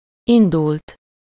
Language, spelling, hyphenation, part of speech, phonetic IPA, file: Hungarian, indult, in‧dult, verb, [ˈindult], Hu-indult.ogg
- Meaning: third-person singular past of indul